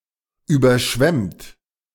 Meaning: 1. past participle of überschwemmen 2. inflection of überschwemmen: third-person singular present 3. inflection of überschwemmen: second-person plural present
- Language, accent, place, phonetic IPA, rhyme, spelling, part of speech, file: German, Germany, Berlin, [ˌyːbɐˈʃvɛmt], -ɛmt, überschwemmt, verb, De-überschwemmt.ogg